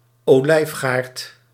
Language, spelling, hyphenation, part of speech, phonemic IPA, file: Dutch, olijfgaard, olijf‧gaard, noun, /oːˈlɛi̯fˌɣaːrt/, Nl-olijfgaard.ogg
- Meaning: olive grove